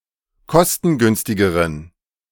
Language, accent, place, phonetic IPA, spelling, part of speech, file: German, Germany, Berlin, [ˈkɔstn̩ˌɡʏnstɪɡəʁən], kostengünstigeren, adjective, De-kostengünstigeren.ogg
- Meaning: inflection of kostengünstig: 1. strong genitive masculine/neuter singular comparative degree 2. weak/mixed genitive/dative all-gender singular comparative degree